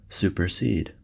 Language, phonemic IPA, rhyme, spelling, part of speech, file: English, /ˌsupɚˈsiːd/, -iːd, supersede, verb / noun, En-us-supersede.ogg
- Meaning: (verb) 1. To take the place of 2. To displace in favor of itself; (noun) An updated newsgroup post that supersedes an earlier version